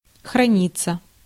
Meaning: passive of храни́ть (xranítʹ)
- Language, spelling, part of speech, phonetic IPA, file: Russian, храниться, verb, [xrɐˈnʲit͡sːə], Ru-храниться.ogg